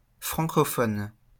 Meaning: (adjective) Francophone; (noun) a Francophone
- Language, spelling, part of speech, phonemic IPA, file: French, francophone, adjective / noun, /fʁɑ̃.kɔ.fɔn/, LL-Q150 (fra)-francophone.wav